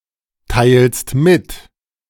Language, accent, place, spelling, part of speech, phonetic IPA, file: German, Germany, Berlin, teilst mit, verb, [ˌtaɪ̯lst ˈmɪt], De-teilst mit.ogg
- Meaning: second-person singular present of mitteilen